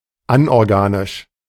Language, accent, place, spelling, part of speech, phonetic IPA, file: German, Germany, Berlin, anorganisch, adjective, [ˈanʔɔʁˌɡaːnɪʃ], De-anorganisch.ogg
- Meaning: 1. inorganic 2. anorganic